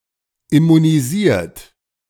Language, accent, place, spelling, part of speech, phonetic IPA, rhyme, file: German, Germany, Berlin, immunisiert, verb, [ɪmuniˈziːɐ̯t], -iːɐ̯t, De-immunisiert.ogg
- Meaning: 1. past participle of immunisieren 2. inflection of immunisieren: third-person singular present 3. inflection of immunisieren: second-person plural present